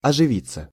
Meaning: 1. to become animated, to liven up 2. to be bucked up 3. passive of оживи́ть (oživítʹ)
- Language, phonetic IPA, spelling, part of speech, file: Russian, [ɐʐɨˈvʲit͡sːə], оживиться, verb, Ru-оживиться.ogg